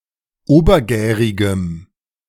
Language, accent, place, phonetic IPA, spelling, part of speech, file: German, Germany, Berlin, [ˈoːbɐˌɡɛːʁɪɡəm], obergärigem, adjective, De-obergärigem.ogg
- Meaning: strong dative masculine/neuter singular of obergärig